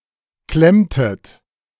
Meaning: inflection of klemmen: 1. second-person plural preterite 2. second-person plural subjunctive II
- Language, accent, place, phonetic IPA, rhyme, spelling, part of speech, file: German, Germany, Berlin, [ˈklɛmtət], -ɛmtət, klemmtet, verb, De-klemmtet.ogg